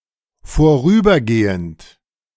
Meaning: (verb) present participle of vorübergehen; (adjective) temporary
- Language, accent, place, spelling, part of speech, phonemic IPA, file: German, Germany, Berlin, vorübergehend, verb / adjective, /foˈʁyːbɐɡeːənt/, De-vorübergehend.ogg